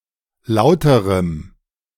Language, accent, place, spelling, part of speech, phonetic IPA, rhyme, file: German, Germany, Berlin, lauterem, adjective, [ˈlaʊ̯təʁəm], -aʊ̯təʁəm, De-lauterem.ogg
- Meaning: 1. strong dative masculine/neuter singular comparative degree of laut 2. strong dative masculine/neuter singular of lauter